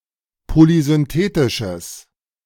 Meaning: strong/mixed nominative/accusative neuter singular of polysynthetisch
- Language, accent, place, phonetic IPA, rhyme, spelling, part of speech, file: German, Germany, Berlin, [polizʏnˈteːtɪʃəs], -eːtɪʃəs, polysynthetisches, adjective, De-polysynthetisches.ogg